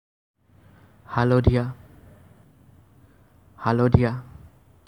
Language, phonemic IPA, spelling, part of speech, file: Assamese, /ɦɑ.lɔ.dʱiɑ/, হালধীয়া, adjective, As-হালধীয়া.ogg
- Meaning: 1. yellow 2. yellowish 3. turmericish